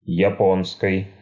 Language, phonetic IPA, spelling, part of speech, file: Russian, [(j)ɪˈponkəj], японкой, noun, Ru-японкой.ogg
- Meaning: instrumental singular of япо́нка (japónka)